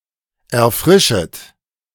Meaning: second-person plural subjunctive I of erfrischen
- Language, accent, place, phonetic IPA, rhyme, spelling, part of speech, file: German, Germany, Berlin, [ɛɐ̯ˈfʁɪʃət], -ɪʃət, erfrischet, verb, De-erfrischet.ogg